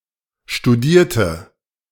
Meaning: inflection of studieren: 1. first/third-person singular preterite 2. first/third-person singular subjunctive II
- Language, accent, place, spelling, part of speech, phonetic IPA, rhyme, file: German, Germany, Berlin, studierte, adjective / verb, [ʃtuˈdiːɐ̯tə], -iːɐ̯tə, De-studierte.ogg